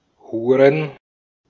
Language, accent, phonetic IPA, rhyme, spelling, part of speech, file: German, Austria, [ˈhuːʁən], -uːʁən, Huren, noun, De-at-Huren.ogg
- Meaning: plural of Hure